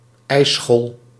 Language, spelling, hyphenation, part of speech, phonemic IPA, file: Dutch, ijsschol, ijs‧schol, noun, /ˈɛi̯.sxɔl/, Nl-ijsschol.ogg
- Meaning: ice floe